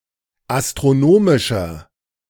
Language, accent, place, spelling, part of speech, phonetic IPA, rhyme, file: German, Germany, Berlin, astronomischer, adjective, [astʁoˈnoːmɪʃɐ], -oːmɪʃɐ, De-astronomischer.ogg
- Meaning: inflection of astronomisch: 1. strong/mixed nominative masculine singular 2. strong genitive/dative feminine singular 3. strong genitive plural